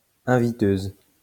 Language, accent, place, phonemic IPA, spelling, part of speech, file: French, France, Lyon, /ɛ̃.vi.tøz/, inviteuse, noun, LL-Q150 (fra)-inviteuse.wav
- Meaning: female equivalent of inviteur